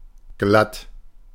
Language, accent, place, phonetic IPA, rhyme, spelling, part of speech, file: German, Germany, Berlin, [ɡlat], -at, glatt, adjective, De-glatt.ogg
- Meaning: 1. without roughness or unevenness: smooth; sleek, slick; even; clean (of a shave or cut); straight (of hair) 2. slippery (from e.g. ice, but not from grease)